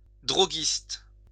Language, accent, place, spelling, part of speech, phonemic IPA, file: French, France, Lyon, droguiste, noun, /dʁɔ.ɡist/, LL-Q150 (fra)-droguiste.wav
- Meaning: druggist